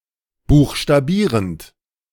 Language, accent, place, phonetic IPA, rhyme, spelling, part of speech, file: German, Germany, Berlin, [ˌbuːxʃtaˈbiːʁənt], -iːʁənt, buchstabierend, verb, De-buchstabierend.ogg
- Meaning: present participle of buchstabieren